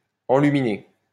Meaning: 1. to light up, embrighten 2. to brighten, make brighter, brighten up (make more colorful) 3. to illuminate (a manuscript, etc.)
- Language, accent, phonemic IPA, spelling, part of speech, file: French, France, /ɑ̃.ly.mi.ne/, enluminer, verb, LL-Q150 (fra)-enluminer.wav